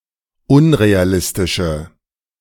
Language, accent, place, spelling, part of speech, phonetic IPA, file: German, Germany, Berlin, unrealistische, adjective, [ˈʊnʁeaˌlɪstɪʃə], De-unrealistische.ogg
- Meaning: inflection of unrealistisch: 1. strong/mixed nominative/accusative feminine singular 2. strong nominative/accusative plural 3. weak nominative all-gender singular